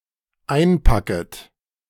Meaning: second-person plural dependent subjunctive I of einpacken
- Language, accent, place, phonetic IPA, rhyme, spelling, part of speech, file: German, Germany, Berlin, [ˈaɪ̯nˌpakət], -aɪ̯npakət, einpacket, verb, De-einpacket.ogg